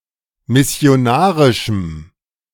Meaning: strong dative masculine/neuter singular of missionarisch
- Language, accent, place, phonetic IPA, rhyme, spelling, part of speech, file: German, Germany, Berlin, [mɪsi̯oˈnaːʁɪʃm̩], -aːʁɪʃm̩, missionarischem, adjective, De-missionarischem.ogg